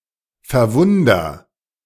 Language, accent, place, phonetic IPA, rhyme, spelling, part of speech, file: German, Germany, Berlin, [fɛɐ̯ˈvʊndɐ], -ʊndɐ, verwunder, verb, De-verwunder.ogg
- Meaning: inflection of verwundern: 1. first-person singular present 2. singular imperative